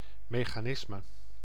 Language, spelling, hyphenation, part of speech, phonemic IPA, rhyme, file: Dutch, mechanisme, me‧cha‧nis‧me, noun, /meː.xaːˈnɪs.mə/, -ɪsmə, Nl-mechanisme.ogg
- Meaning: mechanism